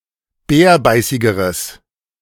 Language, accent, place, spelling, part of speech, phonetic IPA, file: German, Germany, Berlin, bärbeißigeres, adjective, [ˈbɛːɐ̯ˌbaɪ̯sɪɡəʁəs], De-bärbeißigeres.ogg
- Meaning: strong/mixed nominative/accusative neuter singular comparative degree of bärbeißig